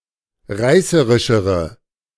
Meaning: inflection of reißerisch: 1. strong/mixed nominative/accusative feminine singular comparative degree 2. strong nominative/accusative plural comparative degree
- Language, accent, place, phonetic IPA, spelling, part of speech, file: German, Germany, Berlin, [ˈʁaɪ̯səʁɪʃəʁə], reißerischere, adjective, De-reißerischere.ogg